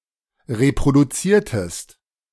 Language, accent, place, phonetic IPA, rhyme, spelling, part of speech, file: German, Germany, Berlin, [ʁepʁoduˈt͡siːɐ̯təst], -iːɐ̯təst, reproduziertest, verb, De-reproduziertest.ogg
- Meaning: inflection of reproduzieren: 1. second-person singular preterite 2. second-person singular subjunctive II